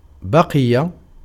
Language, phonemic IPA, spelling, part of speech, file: Arabic, /ba.qi.ja/, بقي, verb, Ar-بقي.ogg
- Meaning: 1. to last, to endure 2. to stay, to remain